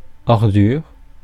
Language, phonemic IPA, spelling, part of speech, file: French, /ɔʁ.dyʁ/, ordure, noun, Fr-ordure.ogg
- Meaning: 1. garbage, refuse, rubbish 2. dung, animal faeces 3. obscenity, filthy material 4. a filthy person